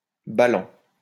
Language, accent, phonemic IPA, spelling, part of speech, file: French, France, /ba.lɑ̃/, ballant, verb / adjective, LL-Q150 (fra)-ballant.wav
- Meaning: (verb) present participle of baller; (adjective) dangling